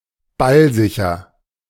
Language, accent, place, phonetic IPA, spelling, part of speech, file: German, Germany, Berlin, [ˈbalˌzɪçɐ], ballsicher, adjective, De-ballsicher.ogg
- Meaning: safe with the ball (is rarely tackled successfully)